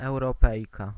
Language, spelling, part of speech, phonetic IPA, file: Polish, Europejka, noun, [ˌɛwrɔˈpɛjka], Pl-Europejka.ogg